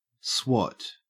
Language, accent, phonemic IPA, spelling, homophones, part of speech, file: English, Australia, /swɔt/, swot, swat, verb / noun, En-au-swot.ogg
- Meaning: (verb) To study with effort or determination; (noun) 1. One who swots; a boffin, nerd, or smart aleck 2. Work 3. Vigorous study at an educational institution